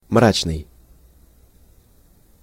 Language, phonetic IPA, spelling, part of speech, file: Russian, [ˈmrat͡ɕnɨj], мрачный, adjective, Ru-мрачный.ogg
- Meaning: 1. dark (without moral or spiritual light) 2. obscure 3. gloomy, somber, grim